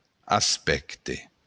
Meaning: 1. aspect, facet 2. point of sail, tack
- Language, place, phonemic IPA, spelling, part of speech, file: Occitan, Béarn, /asˈpɛt.te/, aspècte, noun, LL-Q14185 (oci)-aspècte.wav